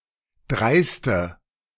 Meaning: inflection of dreist: 1. strong/mixed nominative/accusative feminine singular 2. strong nominative/accusative plural 3. weak nominative all-gender singular 4. weak accusative feminine/neuter singular
- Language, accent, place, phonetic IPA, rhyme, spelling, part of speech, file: German, Germany, Berlin, [ˈdʁaɪ̯stə], -aɪ̯stə, dreiste, adjective, De-dreiste.ogg